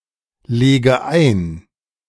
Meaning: inflection of einlegen: 1. first-person singular present 2. first/third-person singular subjunctive I 3. singular imperative
- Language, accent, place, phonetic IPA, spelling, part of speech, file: German, Germany, Berlin, [ˌleːɡə ˈaɪ̯n], lege ein, verb, De-lege ein.ogg